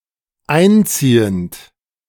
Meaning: present participle of einziehen
- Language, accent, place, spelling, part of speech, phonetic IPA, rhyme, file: German, Germany, Berlin, einziehend, verb, [ˈaɪ̯nˌt͡siːənt], -aɪ̯nt͡siːənt, De-einziehend.ogg